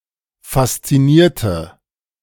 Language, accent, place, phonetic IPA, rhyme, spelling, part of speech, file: German, Germany, Berlin, [fast͡siˈniːɐ̯tə], -iːɐ̯tə, faszinierte, adjective / verb, De-faszinierte.ogg
- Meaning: inflection of faszinieren: 1. first/third-person singular preterite 2. first/third-person singular subjunctive II